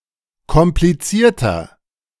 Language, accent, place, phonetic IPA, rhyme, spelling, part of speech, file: German, Germany, Berlin, [kɔmpliˈt͡siːɐ̯tɐ], -iːɐ̯tɐ, komplizierter, adjective, De-komplizierter.ogg
- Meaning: 1. comparative degree of kompliziert 2. inflection of kompliziert: strong/mixed nominative masculine singular 3. inflection of kompliziert: strong genitive/dative feminine singular